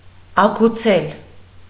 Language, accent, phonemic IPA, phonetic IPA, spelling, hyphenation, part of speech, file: Armenian, Eastern Armenian, /ɑɡuˈt͡sʰel/, [ɑɡut͡sʰél], ագուցել, ա‧գու‧ցել, verb, Hy-ագուցել.ogg
- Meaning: to fit in, to joint, to enchase